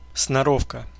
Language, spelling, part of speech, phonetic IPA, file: Russian, сноровка, noun, [snɐˈrofkə], Ru-сноровка.ogg
- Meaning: skill, proficiency, dexterity